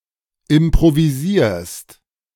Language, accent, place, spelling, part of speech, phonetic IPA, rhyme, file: German, Germany, Berlin, improvisierst, verb, [ɪmpʁoviˈziːɐ̯st], -iːɐ̯st, De-improvisierst.ogg
- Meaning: second-person singular present of improvisieren